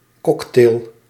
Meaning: cocktail
- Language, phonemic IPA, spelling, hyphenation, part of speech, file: Dutch, /ˈkɔkteːl/, cocktail, cock‧tail, noun, Nl-cocktail.ogg